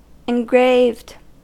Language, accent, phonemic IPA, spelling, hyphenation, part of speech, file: English, US, /ɪnˈɡɹeɪvd/, engraved, en‧graved, verb / adjective, En-us-engraved.ogg
- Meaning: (verb) simple past and past participle of engrave; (adjective) 1. Made by engraving 2. Decorated with engravings